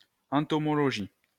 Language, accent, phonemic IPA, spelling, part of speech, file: French, France, /ɑ̃.tɔ.mɔ.lɔ.ʒi/, entomologie, noun, LL-Q150 (fra)-entomologie.wav
- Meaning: entomology